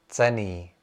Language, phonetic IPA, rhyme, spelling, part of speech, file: Czech, [ˈt͡sɛniː], -ɛniː, cenný, adjective, Cs-cenný.ogg
- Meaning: valuable, precious